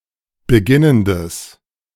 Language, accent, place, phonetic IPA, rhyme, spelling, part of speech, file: German, Germany, Berlin, [bəˈɡɪnəndəs], -ɪnəndəs, beginnendes, adjective, De-beginnendes.ogg
- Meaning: strong/mixed nominative/accusative neuter singular of beginnend